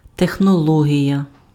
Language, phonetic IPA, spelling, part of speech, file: Ukrainian, [texnɔˈɫɔɦʲijɐ], технологія, noun, Uk-технологія.ogg
- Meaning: technology